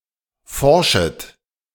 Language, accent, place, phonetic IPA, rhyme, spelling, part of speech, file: German, Germany, Berlin, [ˈfɔʁʃət], -ɔʁʃət, forschet, verb, De-forschet.ogg
- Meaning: second-person plural subjunctive I of forschen